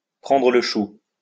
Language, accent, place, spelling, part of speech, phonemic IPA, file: French, France, Lyon, prendre le chou, verb, /pʁɑ̃.dʁə l(ə) ʃu/, LL-Q150 (fra)-prendre le chou.wav
- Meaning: 1. to pester 2. to lose one's rag, to lose one's temper, to argue 3. to argue, to quarrel 4. to get worked up (over), to let (something) get to one, to tie oneself in knots (with)